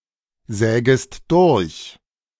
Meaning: second-person singular subjunctive I of durchsägen
- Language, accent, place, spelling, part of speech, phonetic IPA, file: German, Germany, Berlin, sägest durch, verb, [ˌzɛːɡəst ˈdʊʁç], De-sägest durch.ogg